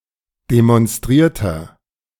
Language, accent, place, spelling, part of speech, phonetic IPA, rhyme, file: German, Germany, Berlin, demonstrierter, adjective, [demɔnˈstʁiːɐ̯tɐ], -iːɐ̯tɐ, De-demonstrierter.ogg
- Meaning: inflection of demonstriert: 1. strong/mixed nominative masculine singular 2. strong genitive/dative feminine singular 3. strong genitive plural